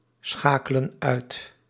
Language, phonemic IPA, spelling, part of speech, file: Dutch, /ˈsxakələ(n) ˈœyt/, schakelen uit, verb, Nl-schakelen uit.ogg
- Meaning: inflection of uitschakelen: 1. plural present indicative 2. plural present subjunctive